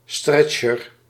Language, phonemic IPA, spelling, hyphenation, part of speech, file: Dutch, /ˈstrɛtʃər/, stretcher, stret‧cher, noun, Nl-stretcher.ogg
- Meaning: stretcher